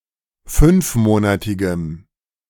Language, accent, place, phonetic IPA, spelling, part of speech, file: German, Germany, Berlin, [ˈfʏnfˌmoːnatɪɡəm], fünfmonatigem, adjective, De-fünfmonatigem.ogg
- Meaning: strong dative masculine/neuter singular of fünfmonatig